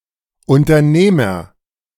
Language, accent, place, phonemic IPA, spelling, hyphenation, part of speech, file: German, Germany, Berlin, /ʊntɐˈneːmɐ/, Unternehmer, Un‧ter‧neh‧mer, noun, De-Unternehmer.ogg
- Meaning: entrepreneur